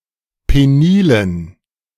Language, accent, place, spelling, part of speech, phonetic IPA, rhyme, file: German, Germany, Berlin, penilen, adjective, [ˌpeˈniːlən], -iːlən, De-penilen.ogg
- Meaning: inflection of penil: 1. strong genitive masculine/neuter singular 2. weak/mixed genitive/dative all-gender singular 3. strong/weak/mixed accusative masculine singular 4. strong dative plural